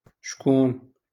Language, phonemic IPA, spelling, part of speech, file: Moroccan Arabic, /ʃkuːn/, شكون, adverb, LL-Q56426 (ary)-شكون.wav
- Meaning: who?